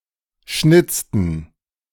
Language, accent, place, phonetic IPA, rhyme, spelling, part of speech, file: German, Germany, Berlin, [ˈʃnɪt͡stn̩], -ɪt͡stn̩, schnitzten, verb, De-schnitzten.ogg
- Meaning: inflection of schnitzen: 1. first/third-person plural preterite 2. first/third-person plural subjunctive II